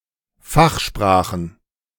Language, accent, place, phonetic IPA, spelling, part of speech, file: German, Germany, Berlin, [ˈfaxˌʃpʁaːxn̩], Fachsprachen, noun, De-Fachsprachen.ogg
- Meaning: plural of Fachsprache